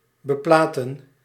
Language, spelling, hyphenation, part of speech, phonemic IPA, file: Dutch, beplaten, be‧pla‧ten, verb, /bəˈplaːtə(n)/, Nl-beplaten.ogg
- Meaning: to plate